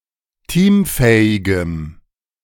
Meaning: strong dative masculine/neuter singular of teamfähig
- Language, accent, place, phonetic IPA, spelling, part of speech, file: German, Germany, Berlin, [ˈtiːmˌfɛːɪɡəm], teamfähigem, adjective, De-teamfähigem.ogg